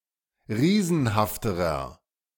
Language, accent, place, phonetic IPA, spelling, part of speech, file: German, Germany, Berlin, [ˈʁiːzn̩haftəʁɐ], riesenhafterer, adjective, De-riesenhafterer.ogg
- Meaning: inflection of riesenhaft: 1. strong/mixed nominative masculine singular comparative degree 2. strong genitive/dative feminine singular comparative degree 3. strong genitive plural comparative degree